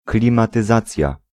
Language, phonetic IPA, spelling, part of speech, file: Polish, [ˌklʲĩmatɨˈzat͡sʲja], klimatyzacja, noun, Pl-klimatyzacja.ogg